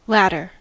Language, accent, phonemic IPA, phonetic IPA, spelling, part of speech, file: English, US, /ˈlæt.ɚ/, [ˈlæɾ.ɚ], latter, adjective / noun, En-us-latter.ogg
- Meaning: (adjective) 1. Near (or nearer) to the end 2. In the past, but close (or closer) to the present time; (noun) The second of aforementioned two items